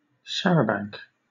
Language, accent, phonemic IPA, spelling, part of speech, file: English, Southern England, /ˈʃæ.ɹə.bæŋ(k)/, charabanc, noun / verb, LL-Q1860 (eng)-charabanc.wav
- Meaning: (noun) 1. A horse-drawn, and then later, motorized omnibus with open sides, and often, no roof 2. A bus, especially one hired by groups for pleasure outings, what was later called a coach